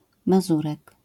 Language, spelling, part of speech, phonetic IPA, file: Polish, mazurek, noun, [maˈzurɛk], LL-Q809 (pol)-mazurek.wav